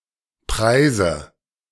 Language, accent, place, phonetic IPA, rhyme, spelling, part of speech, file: German, Germany, Berlin, [ˈpʁaɪ̯zə], -aɪ̯zə, preise, verb, De-preise.ogg
- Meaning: inflection of preisen: 1. first-person singular present 2. first/third-person singular subjunctive I 3. singular imperative